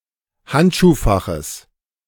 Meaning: genitive singular of Handschuhfach
- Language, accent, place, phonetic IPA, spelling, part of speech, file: German, Germany, Berlin, [ˈhantʃuːˌfaxs], Handschuhfachs, noun, De-Handschuhfachs.ogg